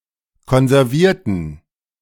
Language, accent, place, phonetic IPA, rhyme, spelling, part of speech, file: German, Germany, Berlin, [kɔnzɛʁˈviːɐ̯tn̩], -iːɐ̯tn̩, konservierten, adjective / verb, De-konservierten.ogg
- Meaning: inflection of konservieren: 1. first/third-person plural preterite 2. first/third-person plural subjunctive II